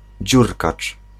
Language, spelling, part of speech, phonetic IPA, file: Polish, dziurkacz, noun, [ˈd͡ʑurkat͡ʃ], Pl-dziurkacz.ogg